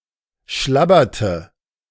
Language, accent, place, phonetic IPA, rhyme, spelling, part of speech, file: German, Germany, Berlin, [ˈʃlabɐtə], -abɐtə, schlabberte, verb, De-schlabberte.ogg
- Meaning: inflection of schlabbern: 1. first/third-person singular preterite 2. first/third-person singular subjunctive II